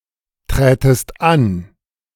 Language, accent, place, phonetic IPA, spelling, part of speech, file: German, Germany, Berlin, [ˌtʁɛːtəst ˈan], trätest an, verb, De-trätest an.ogg
- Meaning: second-person singular subjunctive II of antreten